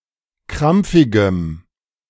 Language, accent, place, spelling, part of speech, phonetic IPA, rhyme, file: German, Germany, Berlin, krampfigem, adjective, [ˈkʁamp͡fɪɡəm], -amp͡fɪɡəm, De-krampfigem.ogg
- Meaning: strong dative masculine/neuter singular of krampfig